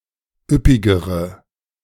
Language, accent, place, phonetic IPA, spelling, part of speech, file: German, Germany, Berlin, [ˈʏpɪɡəʁə], üppigere, adjective, De-üppigere.ogg
- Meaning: inflection of üppig: 1. strong/mixed nominative/accusative feminine singular comparative degree 2. strong nominative/accusative plural comparative degree